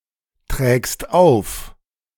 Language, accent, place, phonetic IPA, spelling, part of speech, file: German, Germany, Berlin, [tʁɛːkst ˈaʊ̯f], trägst auf, verb, De-trägst auf.ogg
- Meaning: second-person singular present of auftragen